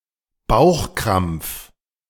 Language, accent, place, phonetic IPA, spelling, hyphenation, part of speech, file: German, Germany, Berlin, [ˈbaʊ̯xˌkʁamp͡f], Bauchkrampf, Bauch‧krampf, noun, De-Bauchkrampf.ogg
- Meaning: abdominal cramp